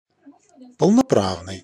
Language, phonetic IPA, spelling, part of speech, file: Russian, [pəɫnɐˈpravnɨj], полноправный, adjective, Ru-полноправный.ogg
- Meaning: enjoying full rights, competent